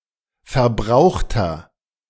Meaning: inflection of verbraucht: 1. strong/mixed nominative masculine singular 2. strong genitive/dative feminine singular 3. strong genitive plural
- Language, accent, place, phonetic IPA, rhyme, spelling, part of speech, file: German, Germany, Berlin, [fɛɐ̯ˈbʁaʊ̯xtɐ], -aʊ̯xtɐ, verbrauchter, adjective, De-verbrauchter.ogg